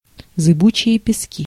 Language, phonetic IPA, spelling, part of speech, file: Russian, [zɨˈbut͡ɕɪje pʲɪˈskʲi], зыбучие пески, noun, Ru-зыбучие пески.ogg
- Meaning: quicksand (wet sand that things readily sink in, often found near rivers or coasts)